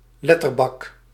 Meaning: typecase
- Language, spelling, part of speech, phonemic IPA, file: Dutch, letterbak, noun, /ˈlɛtərbɑk/, Nl-letterbak.ogg